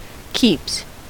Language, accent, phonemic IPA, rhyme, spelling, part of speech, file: English, US, /kiːps/, -iːps, keeps, noun / verb, En-us-keeps.ogg
- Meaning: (noun) 1. plural of keep 2. Only used in for keeps; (verb) third-person singular simple present indicative of keep